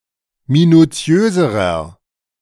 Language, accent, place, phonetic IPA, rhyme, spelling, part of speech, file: German, Germany, Berlin, [minuˈt͡si̯øːzəʁɐ], -øːzəʁɐ, minutiöserer, adjective, De-minutiöserer.ogg
- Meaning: inflection of minutiös: 1. strong/mixed nominative masculine singular comparative degree 2. strong genitive/dative feminine singular comparative degree 3. strong genitive plural comparative degree